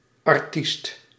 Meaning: artist
- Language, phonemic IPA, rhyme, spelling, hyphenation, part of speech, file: Dutch, /ɑrˈtist/, -ist, artiest, ar‧tiest, noun, Nl-artiest.ogg